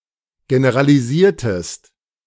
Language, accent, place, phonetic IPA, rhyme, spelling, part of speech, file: German, Germany, Berlin, [ɡenəʁaliˈziːɐ̯təst], -iːɐ̯təst, generalisiertest, verb, De-generalisiertest.ogg
- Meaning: inflection of generalisieren: 1. second-person singular preterite 2. second-person singular subjunctive II